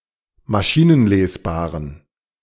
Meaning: inflection of maschinenlesbar: 1. strong genitive masculine/neuter singular 2. weak/mixed genitive/dative all-gender singular 3. strong/weak/mixed accusative masculine singular 4. strong dative plural
- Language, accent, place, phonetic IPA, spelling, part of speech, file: German, Germany, Berlin, [maˈʃiːnənˌleːsbaːʁən], maschinenlesbaren, adjective, De-maschinenlesbaren.ogg